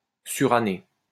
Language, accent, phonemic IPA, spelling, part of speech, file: French, France, /sy.ʁa.ne/, suranné, verb / adjective, LL-Q150 (fra)-suranné.wav
- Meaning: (verb) past participle of suranner; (adjective) outdated, outmoded, old-fashioned